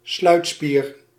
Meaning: sphincter (band of muscle)
- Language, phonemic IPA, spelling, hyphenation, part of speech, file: Dutch, /ˈslœy̯t.spiːr/, sluitspier, sluit‧spier, noun, Nl-sluitspier.ogg